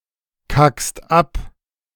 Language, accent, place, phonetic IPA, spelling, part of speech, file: German, Germany, Berlin, [ˌkakst ˈap], kackst ab, verb, De-kackst ab.ogg
- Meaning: second-person singular present of abkacken